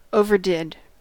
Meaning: simple past of overdo
- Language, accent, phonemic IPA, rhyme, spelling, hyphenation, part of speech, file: English, US, /ˌoʊ.vɚˈdɪd/, -ɪd, overdid, o‧ver‧did, verb, En-us-overdid.ogg